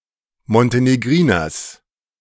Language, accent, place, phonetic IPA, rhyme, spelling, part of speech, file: German, Germany, Berlin, [mɔnteneˈɡʁiːnɐs], -iːnɐs, Montenegriners, noun, De-Montenegriners.ogg
- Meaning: genitive of Montenegriner